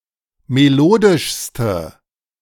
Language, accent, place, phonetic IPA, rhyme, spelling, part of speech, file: German, Germany, Berlin, [meˈloːdɪʃstə], -oːdɪʃstə, melodischste, adjective, De-melodischste.ogg
- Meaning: inflection of melodisch: 1. strong/mixed nominative/accusative feminine singular superlative degree 2. strong nominative/accusative plural superlative degree